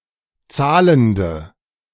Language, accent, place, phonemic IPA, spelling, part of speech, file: German, Germany, Berlin, /ˈtsaːləndə/, zahlende, adjective, De-zahlende.ogg
- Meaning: inflection of zahlend: 1. strong/mixed nominative/accusative feminine singular 2. strong nominative/accusative plural 3. weak nominative all-gender singular 4. weak accusative feminine/neuter singular